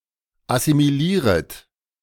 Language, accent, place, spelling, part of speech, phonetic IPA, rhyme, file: German, Germany, Berlin, assimilieret, verb, [asimiˈliːʁət], -iːʁət, De-assimilieret.ogg
- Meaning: second-person plural subjunctive I of assimilieren